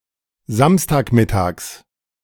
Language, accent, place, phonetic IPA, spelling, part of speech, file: German, Germany, Berlin, [ˈzamstaːkˌmɪtaːks], Samstagmittags, noun, De-Samstagmittags.ogg
- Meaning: genitive of Samstagmittag